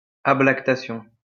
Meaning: 1. Interruption in secretion of breast milk, usually caused by a hormonal imbalance 2. the weaning of a child
- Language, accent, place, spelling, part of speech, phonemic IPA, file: French, France, Lyon, ablactation, noun, /a.blak.ta.sjɔ̃/, LL-Q150 (fra)-ablactation.wav